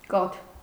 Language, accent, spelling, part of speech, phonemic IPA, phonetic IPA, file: Armenian, Eastern Armenian, կաթ, noun, /kɑtʰ/, [kɑtʰ], Hy-կաթ.ogg
- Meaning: milk